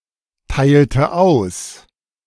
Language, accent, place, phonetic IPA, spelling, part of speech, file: German, Germany, Berlin, [ˌtaɪ̯ltə ˈaʊ̯s], teilte aus, verb, De-teilte aus.ogg
- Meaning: inflection of austeilen: 1. first/third-person singular preterite 2. first/third-person singular subjunctive II